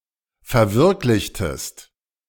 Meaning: inflection of verwirklichen: 1. second-person singular preterite 2. second-person singular subjunctive II
- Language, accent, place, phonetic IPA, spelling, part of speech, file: German, Germany, Berlin, [fɛɐ̯ˈvɪʁklɪçtəst], verwirklichtest, verb, De-verwirklichtest.ogg